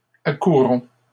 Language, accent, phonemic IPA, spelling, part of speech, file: French, Canada, /a.ku.ʁɔ̃/, accourons, verb, LL-Q150 (fra)-accourons.wav
- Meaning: inflection of accourir: 1. first-person plural present indicative 2. first-person plural imperative